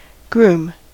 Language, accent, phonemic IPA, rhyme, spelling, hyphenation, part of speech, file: English, US, /ɡɹum/, -uːm, groom, groom, noun / verb, En-us-groom.ogg
- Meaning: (noun) 1. A man who is about to marry 2. A person who looks after horses 3. One of several officers of the English royal household, chiefly in the lord chamberlain's department